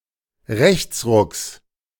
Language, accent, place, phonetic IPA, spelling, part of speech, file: German, Germany, Berlin, [ˈʁɛçt͡sˌʁʊks], Rechtsrucks, noun, De-Rechtsrucks.ogg
- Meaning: genitive singular of Rechtsruck